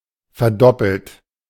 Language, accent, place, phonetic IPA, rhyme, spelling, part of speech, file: German, Germany, Berlin, [fɛɐ̯ˈdɔpl̩t], -ɔpl̩t, verdoppelt, verb, De-verdoppelt.ogg
- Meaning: past participle of verdoppeln